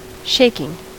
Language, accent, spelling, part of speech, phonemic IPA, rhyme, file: English, US, shaking, verb / noun, /ˈʃeɪkɪŋ/, -eɪkɪŋ, En-us-shaking.ogg
- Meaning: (verb) present participle and gerund of shake; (noun) A movement that shakes